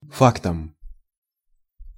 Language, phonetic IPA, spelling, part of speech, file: Russian, [ˈfaktəm], фактом, noun, Ru-фактом.ogg
- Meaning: instrumental singular of факт (fakt)